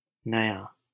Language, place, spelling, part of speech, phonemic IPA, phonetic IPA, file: Hindi, Delhi, नया, adjective, /nə.jɑː/, [nɐ.jäː], LL-Q1568 (hin)-नया.wav
- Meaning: new